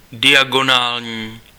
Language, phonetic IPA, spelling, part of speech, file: Czech, [ˈdɪjaɡonaːlɲiː], diagonální, adjective, Cs-diagonální.ogg
- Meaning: diagonal